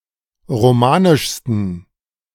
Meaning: 1. superlative degree of romanisch 2. inflection of romanisch: strong genitive masculine/neuter singular superlative degree
- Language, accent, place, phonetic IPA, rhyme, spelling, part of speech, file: German, Germany, Berlin, [ʁoˈmaːnɪʃstn̩], -aːnɪʃstn̩, romanischsten, adjective, De-romanischsten.ogg